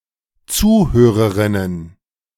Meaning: plural of Zuhörerin
- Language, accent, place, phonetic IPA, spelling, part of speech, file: German, Germany, Berlin, [ˈt͡suːˌhøːʁəʁɪnən], Zuhörerinnen, noun, De-Zuhörerinnen.ogg